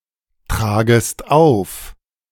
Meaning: second-person singular subjunctive I of auftragen
- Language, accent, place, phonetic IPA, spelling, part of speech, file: German, Germany, Berlin, [ˌtʁaːɡəst ˈaʊ̯f], tragest auf, verb, De-tragest auf.ogg